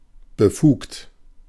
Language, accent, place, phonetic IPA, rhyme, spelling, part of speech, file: German, Germany, Berlin, [bəˈfuːkt], -uːkt, befugt, adjective / verb, De-befugt.ogg
- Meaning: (verb) past participle of befugen; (adjective) authorized